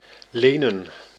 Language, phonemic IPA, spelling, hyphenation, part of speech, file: Dutch, /ˈleːnə(n)/, lenen, le‧nen, verb / noun, Nl-lenen.ogg
- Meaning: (verb) 1. to borrow 2. to lend 3. to lend itself to, be fit; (noun) plural of leen